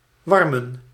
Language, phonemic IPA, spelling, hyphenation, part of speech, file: Dutch, /ˈʋɑr.mə(n)/, warmen, war‧men, verb, Nl-warmen.ogg
- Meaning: to warm